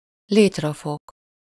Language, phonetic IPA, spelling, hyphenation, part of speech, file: Hungarian, [ˈleːtrɒfok], létrafok, lét‧ra‧fok, noun, Hu-létrafok.ogg
- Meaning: rung (crosspiece forming a step of a ladder)